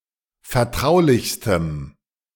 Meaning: strong dative masculine/neuter singular superlative degree of vertraulich
- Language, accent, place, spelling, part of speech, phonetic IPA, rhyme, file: German, Germany, Berlin, vertraulichstem, adjective, [fɛɐ̯ˈtʁaʊ̯lɪçstəm], -aʊ̯lɪçstəm, De-vertraulichstem.ogg